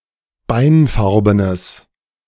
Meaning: strong/mixed nominative/accusative neuter singular of beinfarben
- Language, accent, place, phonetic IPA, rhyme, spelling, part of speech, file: German, Germany, Berlin, [ˈbaɪ̯nˌfaʁbənəs], -aɪ̯nfaʁbənəs, beinfarbenes, adjective, De-beinfarbenes.ogg